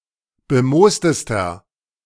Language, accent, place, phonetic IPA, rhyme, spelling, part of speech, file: German, Germany, Berlin, [bəˈmoːstəstɐ], -oːstəstɐ, bemoostester, adjective, De-bemoostester.ogg
- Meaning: inflection of bemoost: 1. strong/mixed nominative masculine singular superlative degree 2. strong genitive/dative feminine singular superlative degree 3. strong genitive plural superlative degree